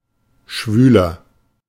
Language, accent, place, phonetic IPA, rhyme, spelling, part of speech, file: German, Germany, Berlin, [ˈʃvyːlɐ], -yːlɐ, schwüler, adjective, De-schwüler.ogg
- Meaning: 1. comparative degree of schwül 2. inflection of schwül: strong/mixed nominative masculine singular 3. inflection of schwül: strong genitive/dative feminine singular